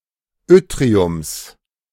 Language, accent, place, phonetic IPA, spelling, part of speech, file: German, Germany, Berlin, [ˈʏtʁiʊms], Yttriums, noun, De-Yttriums.ogg
- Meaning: genitive singular of Yttrium